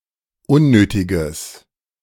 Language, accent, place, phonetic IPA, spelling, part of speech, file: German, Germany, Berlin, [ˈʊnˌnøːtɪɡəs], unnötiges, adjective, De-unnötiges.ogg
- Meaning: strong/mixed nominative/accusative neuter singular of unnötig